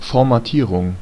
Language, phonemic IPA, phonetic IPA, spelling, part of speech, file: German, /fɔʁmaˈtiːʁʊŋ/, [fɔɐ̯maˈtʰiːʁʊŋ], Formatierung, noun, De-Formatierung.ogg
- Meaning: formatting